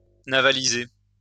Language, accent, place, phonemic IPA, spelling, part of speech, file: French, France, Lyon, /na.va.li.ze/, navaliser, verb, LL-Q150 (fra)-navaliser.wav
- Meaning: to convert a vessel for military use